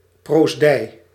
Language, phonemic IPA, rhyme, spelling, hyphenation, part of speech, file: Dutch, /proːsˈdɛi̯/, -ɛi̯, proosdij, proos‧dij, noun, Nl-proosdij.ogg
- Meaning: 1. a provosty, a provostship, a provostry; the office or remit of a provost/ 2. the residence of a provost